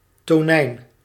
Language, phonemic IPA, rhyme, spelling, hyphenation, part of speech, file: Dutch, /toːˈnɛi̯n/, -ɛi̯n, tonijn, to‧nijn, noun, Nl-tonijn.ogg
- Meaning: tuna (fish)